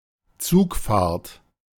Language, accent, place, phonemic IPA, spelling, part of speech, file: German, Germany, Berlin, /ˈt͡suːkfaːɐ̯t/, Zugfahrt, noun, De-Zugfahrt.ogg
- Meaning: train ride, train trip